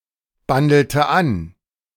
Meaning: inflection of anbandeln: 1. first/third-person singular preterite 2. first/third-person singular subjunctive II
- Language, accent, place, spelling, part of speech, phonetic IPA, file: German, Germany, Berlin, bandelte an, verb, [ˌbandl̩tə ˈan], De-bandelte an.ogg